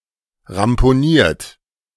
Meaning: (adjective) damaged; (verb) 1. past participle of ramponieren 2. inflection of ramponieren: third-person singular present 3. inflection of ramponieren: second-person plural present
- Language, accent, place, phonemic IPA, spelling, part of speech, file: German, Germany, Berlin, /ʁampoˈniːɐ̯t/, ramponiert, adjective / verb, De-ramponiert.ogg